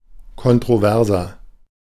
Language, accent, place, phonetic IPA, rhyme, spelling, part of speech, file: German, Germany, Berlin, [kɔntʁoˈvɛʁzɐ], -ɛʁzɐ, kontroverser, adjective, De-kontroverser.ogg
- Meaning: 1. comparative degree of kontrovers 2. inflection of kontrovers: strong/mixed nominative masculine singular 3. inflection of kontrovers: strong genitive/dative feminine singular